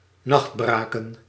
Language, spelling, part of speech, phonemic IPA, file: Dutch, nachtbraken, verb, /ˈnɑxtˌbraː.kə(n)/, Nl-nachtbraken.ogg
- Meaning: to stay up late at night